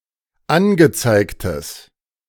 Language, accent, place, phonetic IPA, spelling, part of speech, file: German, Germany, Berlin, [ˈanɡəˌt͡saɪ̯ktəs], angezeigtes, adjective, De-angezeigtes.ogg
- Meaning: strong/mixed nominative/accusative neuter singular of angezeigt